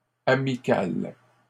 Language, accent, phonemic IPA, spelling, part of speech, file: French, Canada, /a.mi.kal/, amicales, adjective, LL-Q150 (fra)-amicales.wav
- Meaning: feminine plural of amical